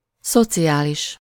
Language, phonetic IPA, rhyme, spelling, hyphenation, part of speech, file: Hungarian, [ˈsot͡sijaːliʃ], -iʃ, szociális, szo‧ci‧á‧lis, adjective, Hu-szociális.ogg
- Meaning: 1. social (of or related to the society or the community) 2. welfare (aiming to improve the well-being of the general public and/or to aid those in need)